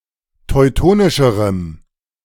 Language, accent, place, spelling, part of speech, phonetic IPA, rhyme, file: German, Germany, Berlin, teutonischerem, adjective, [tɔɪ̯ˈtoːnɪʃəʁəm], -oːnɪʃəʁəm, De-teutonischerem.ogg
- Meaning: strong dative masculine/neuter singular comparative degree of teutonisch